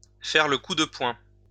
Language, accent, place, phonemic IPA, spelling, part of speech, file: French, France, Lyon, /fɛʁ lə ku də pwɛ̃/, faire le coup de poing, verb, LL-Q150 (fra)-faire le coup de poing.wav
- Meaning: to fight, to fistfight